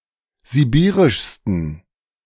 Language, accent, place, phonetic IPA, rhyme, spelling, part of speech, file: German, Germany, Berlin, [ziˈbiːʁɪʃstn̩], -iːʁɪʃstn̩, sibirischsten, adjective, De-sibirischsten.ogg
- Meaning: 1. superlative degree of sibirisch 2. inflection of sibirisch: strong genitive masculine/neuter singular superlative degree